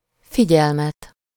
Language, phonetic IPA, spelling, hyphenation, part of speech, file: Hungarian, [ˈfiɟɛlmɛt], figyelmet, fi‧gyel‧met, noun, Hu-figyelmet.ogg
- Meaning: accusative singular of figyelem